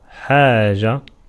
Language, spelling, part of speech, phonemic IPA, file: Arabic, حاجة, noun, /ħaː.d͡ʒa/, Ar-حاجة.ogg
- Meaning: 1. need, necessity (act of needing something) 2. need (thing needed) 3. neediness, poverty 4. want, desire 5. matter, concern 6. singulative of حَاج (ḥāj, “Alhagi gen. et spp.”)